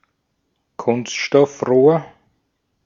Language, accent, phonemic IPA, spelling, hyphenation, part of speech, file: German, Austria, /ˈkʊnstʃtɔfˌʁoːɐ̯/, Kunststoffrohr, Kunst‧stoff‧rohr, noun, De-at-Kunststoffrohr.ogg
- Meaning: plastic tube or pipe